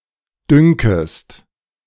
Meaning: second-person singular subjunctive I of dünken
- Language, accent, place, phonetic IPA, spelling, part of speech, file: German, Germany, Berlin, [ˈdʏŋkəst], dünkest, verb, De-dünkest.ogg